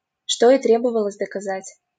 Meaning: quod erat demonstrandum, which was to be proved; which was to be demonstrated, abbreviation: ч.т.д. (č.t.d.)
- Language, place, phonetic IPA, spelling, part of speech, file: Russian, Saint Petersburg, [ʂto i ˈtrʲebəvəɫəzʲ dəkɐˈzatʲ], что и требовалось доказать, phrase, LL-Q7737 (rus)-что и требовалось доказать.wav